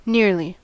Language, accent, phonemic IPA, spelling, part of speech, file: English, US, /ˈnɪɹli/, nearly, adverb, En-us-nearly.ogg
- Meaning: 1. In close approximation; almost, virtually 2. With great scrutiny; carefully 3. With close relation; intimately 4. Closely, in close proximity 5. Stingily